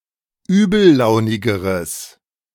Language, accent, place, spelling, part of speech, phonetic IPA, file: German, Germany, Berlin, übellaunigeres, adjective, [ˈyːbl̩ˌlaʊ̯nɪɡəʁəs], De-übellaunigeres.ogg
- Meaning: strong/mixed nominative/accusative neuter singular comparative degree of übellaunig